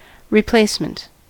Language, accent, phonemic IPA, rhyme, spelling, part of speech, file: English, US, /ɹɪˈpleɪsmənt/, -eɪsmənt, replacement, noun, En-us-replacement.ogg
- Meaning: 1. A person or thing that takes the place of another; a substitute 2. The act of replacing something 3. The removal of an edge of crystal, by one plane or more